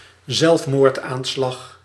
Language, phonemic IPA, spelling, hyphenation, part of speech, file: Dutch, /ˈzɛlf.moːrtˌaːn.slɑx/, zelfmoordaanslag, zelf‧moord‧aan‧slag, noun, Nl-zelfmoordaanslag.ogg
- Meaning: suicide attack (attempt on people's lives in which the attacker commits suicide, usually done by certain terrorist groups)